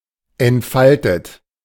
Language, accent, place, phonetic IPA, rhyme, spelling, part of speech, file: German, Germany, Berlin, [ɛntˈfaltət], -altət, entfaltet, verb, De-entfaltet.ogg
- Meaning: past participle of entfalten